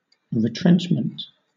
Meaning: 1. A curtailment or reduction 2. A curtailment or reduction.: An act of reducing expenses; economizing
- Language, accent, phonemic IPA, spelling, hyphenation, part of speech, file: English, Southern England, /ɹɪˈtɹɛn(t)ʃm(ə)nt/, retrenchment, re‧trench‧ment, noun, LL-Q1860 (eng)-retrenchment.wav